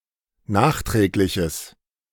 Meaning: strong/mixed nominative/accusative neuter singular of nachträglich
- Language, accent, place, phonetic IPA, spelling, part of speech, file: German, Germany, Berlin, [ˈnaːxˌtʁɛːklɪçəs], nachträgliches, adjective, De-nachträgliches.ogg